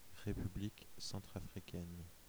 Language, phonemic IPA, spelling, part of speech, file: French, /ʁe.py.blik sɑ̃.tʁa.fʁi.kɛn/, République centrafricaine, proper noun, Fr-République centrafricaine.ogg
- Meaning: Central African Republic (a country in Central Africa)